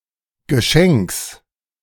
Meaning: genitive singular of Geschenk
- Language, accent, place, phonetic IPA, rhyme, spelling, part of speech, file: German, Germany, Berlin, [ɡəˈʃɛŋks], -ɛŋks, Geschenks, noun, De-Geschenks.ogg